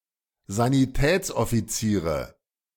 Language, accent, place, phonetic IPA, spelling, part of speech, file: German, Germany, Berlin, [zaniˈtɛːt͡sʔɔfiˌt͡siːʁə], Sanitätsoffiziere, noun, De-Sanitätsoffiziere.ogg
- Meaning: nominative/accusative/genitive plural of Sanitätsoffizier